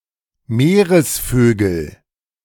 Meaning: nominative/accusative/genitive plural of Meeresvogel
- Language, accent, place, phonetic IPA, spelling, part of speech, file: German, Germany, Berlin, [ˈmeːʁəsˌføːɡl̩], Meeresvögel, noun, De-Meeresvögel.ogg